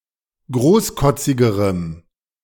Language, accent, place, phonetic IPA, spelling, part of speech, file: German, Germany, Berlin, [ˈɡʁoːsˌkɔt͡sɪɡəʁəm], großkotzigerem, adjective, De-großkotzigerem.ogg
- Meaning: strong dative masculine/neuter singular comparative degree of großkotzig